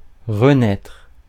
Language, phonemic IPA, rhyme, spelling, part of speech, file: French, /ʁə.nɛtʁ/, -ɛtʁ, renaître, verb, Fr-renaître.ogg
- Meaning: 1. to be reborn, to be born again 2. to reappear, to resurface 3. to rekindle